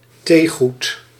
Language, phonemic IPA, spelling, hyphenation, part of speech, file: Dutch, /ˈteː.ɣut/, theegoed, thee‧goed, noun, Nl-theegoed.ogg
- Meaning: teaware